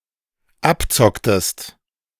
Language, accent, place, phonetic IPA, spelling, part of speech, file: German, Germany, Berlin, [ˈapˌt͡sɔktəst], abzocktest, verb, De-abzocktest.ogg
- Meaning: inflection of abzocken: 1. second-person singular dependent preterite 2. second-person singular dependent subjunctive II